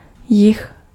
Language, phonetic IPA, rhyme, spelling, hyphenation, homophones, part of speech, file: Czech, [ˈjɪx], -ɪx, jih, jih, jich, noun, Cs-jih.ogg
- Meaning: south